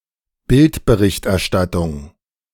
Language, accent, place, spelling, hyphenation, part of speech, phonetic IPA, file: German, Germany, Berlin, Bildberichterstattung, Bild‧be‧richt‧er‧stat‧tung, noun, [ˈbɪltbəˌʁɪçtʔɛɐ̯ˌʃtatʊŋ], De-Bildberichterstattung.ogg
- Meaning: photojournalism